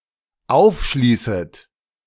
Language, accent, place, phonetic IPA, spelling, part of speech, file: German, Germany, Berlin, [ˈaʊ̯fˌʃliːsət], aufschließet, verb, De-aufschließet.ogg
- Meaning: second-person plural dependent subjunctive I of aufschließen